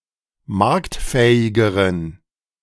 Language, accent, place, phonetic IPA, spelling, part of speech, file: German, Germany, Berlin, [ˈmaʁktˌfɛːɪɡəʁən], marktfähigeren, adjective, De-marktfähigeren.ogg
- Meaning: inflection of marktfähig: 1. strong genitive masculine/neuter singular comparative degree 2. weak/mixed genitive/dative all-gender singular comparative degree